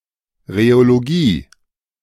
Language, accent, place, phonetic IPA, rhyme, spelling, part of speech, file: German, Germany, Berlin, [ʁeoloˈɡiː], -iː, Rheologie, noun, De-Rheologie.ogg
- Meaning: rheology (physics of the deformation and flow of matter)